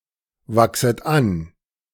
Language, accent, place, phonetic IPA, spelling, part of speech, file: German, Germany, Berlin, [ˌvaksət ˈan], wachset an, verb, De-wachset an.ogg
- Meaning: second-person plural subjunctive I of anwachsen